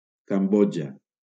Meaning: Cambodia (a country in Southeast Asia)
- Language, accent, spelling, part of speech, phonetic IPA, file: Catalan, Valencia, Cambodja, proper noun, [kamˈbɔ.d͡ʒa], LL-Q7026 (cat)-Cambodja.wav